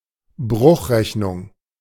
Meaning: calculation with fractions, fraction arithmetic
- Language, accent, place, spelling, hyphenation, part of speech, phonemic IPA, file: German, Germany, Berlin, Bruchrechnung, Bruch‧rech‧nung, noun, /ˈbʁʊx.ʁɛçnʊŋ/, De-Bruchrechnung.ogg